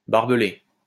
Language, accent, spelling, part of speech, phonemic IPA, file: French, France, barbelé, adjective / noun, /baʁ.bə.le/, LL-Q150 (fra)-barbelé.wav
- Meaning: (adjective) barbed (wire); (noun) barbed wire